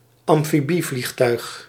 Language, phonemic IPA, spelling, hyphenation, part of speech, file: Dutch, /ɑm.fiˈbi.vlixˌtœy̯x/, amfibievliegtuig, am‧fi‧bie‧vlieg‧tuig, noun, Nl-amfibievliegtuig.ogg
- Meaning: amphibious aircraft, amphibian